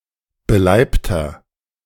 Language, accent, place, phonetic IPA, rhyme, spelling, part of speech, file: German, Germany, Berlin, [bəˈlaɪ̯ptɐ], -aɪ̯ptɐ, beleibter, adjective, De-beleibter.ogg
- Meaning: 1. comparative degree of beleibt 2. inflection of beleibt: strong/mixed nominative masculine singular 3. inflection of beleibt: strong genitive/dative feminine singular